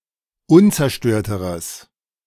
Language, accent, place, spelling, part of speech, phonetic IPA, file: German, Germany, Berlin, unzerstörteres, adjective, [ˈʊnt͡sɛɐ̯ˌʃtøːɐ̯təʁəs], De-unzerstörteres.ogg
- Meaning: strong/mixed nominative/accusative neuter singular comparative degree of unzerstört